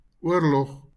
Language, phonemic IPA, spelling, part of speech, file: Afrikaans, /ˈʊər.lɔχ/, oorlog, noun, LL-Q14196 (afr)-oorlog.wav
- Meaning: war